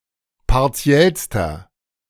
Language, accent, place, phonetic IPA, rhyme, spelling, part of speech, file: German, Germany, Berlin, [paʁˈt͡si̯ɛlstɐ], -ɛlstɐ, partiellster, adjective, De-partiellster.ogg
- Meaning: inflection of partiell: 1. strong/mixed nominative masculine singular superlative degree 2. strong genitive/dative feminine singular superlative degree 3. strong genitive plural superlative degree